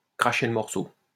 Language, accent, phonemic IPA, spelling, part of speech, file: French, France, /kʁa.ʃe l(ə) mɔʁ.so/, cracher le morceau, verb, LL-Q150 (fra)-cracher le morceau.wav
- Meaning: to fess up, to own up, to spit it out, to spill the beans